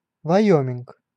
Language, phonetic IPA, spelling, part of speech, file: Russian, [vɐˈjɵmʲɪnk], Вайоминг, proper noun, Ru-Вайоминг.ogg
- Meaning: Wyoming (a state of the United States, formerly a territory)